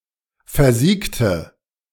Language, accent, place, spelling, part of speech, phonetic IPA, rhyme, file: German, Germany, Berlin, versiegte, adjective / verb, [fɛɐ̯ˈziːktə], -iːktə, De-versiegte.ogg
- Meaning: inflection of versiegt: 1. strong/mixed nominative/accusative feminine singular 2. strong nominative/accusative plural 3. weak nominative all-gender singular